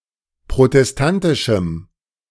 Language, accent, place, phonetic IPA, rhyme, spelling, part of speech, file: German, Germany, Berlin, [pʁotɛsˈtantɪʃm̩], -antɪʃm̩, protestantischem, adjective, De-protestantischem.ogg
- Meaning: strong dative masculine/neuter singular of protestantisch